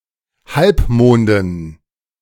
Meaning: dative plural of Halbmond
- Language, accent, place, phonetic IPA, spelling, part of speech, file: German, Germany, Berlin, [ˈhalpˌmoːndn̩], Halbmonden, noun, De-Halbmonden.ogg